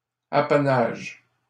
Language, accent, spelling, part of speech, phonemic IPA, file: French, Canada, apanage, noun / verb, /a.pa.naʒ/, LL-Q150 (fra)-apanage.wav
- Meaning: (noun) 1. prerogative, privilege 2. apanage; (verb) inflection of apanager: 1. first/third-person singular present indicative/subjunctive 2. second-person singular imperative